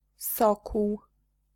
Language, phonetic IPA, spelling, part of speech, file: Polish, [ˈsɔkuw], sokół, noun, Pl-sokół.ogg